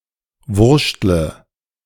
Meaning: inflection of wurschteln: 1. first-person singular present 2. first/third-person singular subjunctive I 3. singular imperative
- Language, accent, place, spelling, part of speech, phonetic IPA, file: German, Germany, Berlin, wurschtle, verb, [ˈvʊʁʃtlə], De-wurschtle.ogg